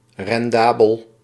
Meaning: profitable
- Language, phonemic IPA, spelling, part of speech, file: Dutch, /rɛnˈdaːbəl/, rendabel, adjective, Nl-rendabel.ogg